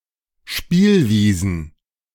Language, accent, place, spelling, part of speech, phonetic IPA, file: German, Germany, Berlin, Spielwiesen, noun, [ˈʃpiːlˌviːzn̩], De-Spielwiesen.ogg
- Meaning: plural of Spielwiese